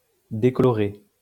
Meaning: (verb) past participle of décolorer; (adjective) bleaching, decolorant
- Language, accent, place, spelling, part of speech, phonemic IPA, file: French, France, Lyon, décoloré, verb / adjective, /de.kɔ.lɔ.ʁe/, LL-Q150 (fra)-décoloré.wav